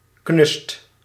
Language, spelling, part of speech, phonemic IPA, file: Dutch, knust, adjective, /knʏst/, Nl-knust.ogg
- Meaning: superlative degree of knus